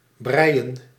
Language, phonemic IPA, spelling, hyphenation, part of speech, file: Dutch, /ˈbrɛi̯ə(n)/, breien, brei‧en, verb, Nl-breien.ogg
- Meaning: to knit